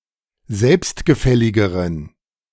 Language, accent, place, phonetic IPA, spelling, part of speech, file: German, Germany, Berlin, [ˈzɛlpstɡəˌfɛlɪɡəʁən], selbstgefälligeren, adjective, De-selbstgefälligeren.ogg
- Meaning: inflection of selbstgefällig: 1. strong genitive masculine/neuter singular comparative degree 2. weak/mixed genitive/dative all-gender singular comparative degree